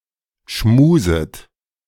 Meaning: second-person plural subjunctive I of schmusen
- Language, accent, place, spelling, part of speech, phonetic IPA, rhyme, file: German, Germany, Berlin, schmuset, verb, [ˈʃmuːzət], -uːzət, De-schmuset.ogg